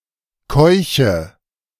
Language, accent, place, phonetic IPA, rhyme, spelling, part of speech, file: German, Germany, Berlin, [ˈkɔɪ̯çə], -ɔɪ̯çə, keuche, verb, De-keuche.ogg
- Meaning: inflection of keuchen: 1. first-person singular present 2. first/third-person singular subjunctive I 3. singular imperative